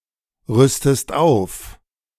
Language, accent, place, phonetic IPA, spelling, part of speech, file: German, Germany, Berlin, [ˌʁʏstəst ˈaʊ̯f], rüstest auf, verb, De-rüstest auf.ogg
- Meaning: inflection of aufrüsten: 1. second-person singular present 2. second-person singular subjunctive I